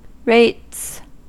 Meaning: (noun) 1. plural of rate 2. Taxes, usually on property, levied by local government 3. Abbreviation of interest rates; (verb) third-person singular simple present indicative of rate
- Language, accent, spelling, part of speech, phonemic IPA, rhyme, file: English, US, rates, noun / verb, /ɹeɪts/, -eɪts, En-us-rates.ogg